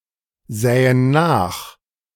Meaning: first-person plural subjunctive II of nachsehen
- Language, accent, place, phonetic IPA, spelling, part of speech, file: German, Germany, Berlin, [ˌzɛːən ˈnaːx], sähen nach, verb, De-sähen nach.ogg